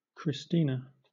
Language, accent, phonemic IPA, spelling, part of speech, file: English, Southern England, /kɹɪsˈtiːnə/, Christina, proper noun, LL-Q1860 (eng)-Christina.wav
- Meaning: A female given name from Ancient Greek